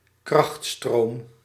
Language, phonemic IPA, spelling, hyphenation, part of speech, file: Dutch, /ˈkrɑxt.stroːm/, krachtstroom, kracht‧stroom, noun, Nl-krachtstroom.ogg
- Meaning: 1. three-phase electric power 2. three-phase electric current